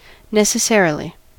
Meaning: Inevitably; of necessity
- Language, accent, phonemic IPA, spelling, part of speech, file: English, US, /ˌnɛs.əˈsɛɹ.ə.li/, necessarily, adverb, En-us-necessarily.ogg